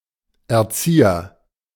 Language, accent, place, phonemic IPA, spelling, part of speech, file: German, Germany, Berlin, /ɛɐ̯ˈt͡siːɐ/, Erzieher, noun, De-Erzieher.ogg
- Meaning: agent noun of erziehen: educator